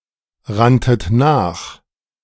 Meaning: second-person plural preterite of nachrennen
- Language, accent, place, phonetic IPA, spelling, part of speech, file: German, Germany, Berlin, [ˌʁantət ˈnaːx], ranntet nach, verb, De-ranntet nach.ogg